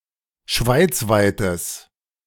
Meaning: strong/mixed nominative/accusative neuter singular of schweizweit
- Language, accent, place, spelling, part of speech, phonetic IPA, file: German, Germany, Berlin, schweizweites, adjective, [ˈʃvaɪ̯t͡svaɪ̯təs], De-schweizweites.ogg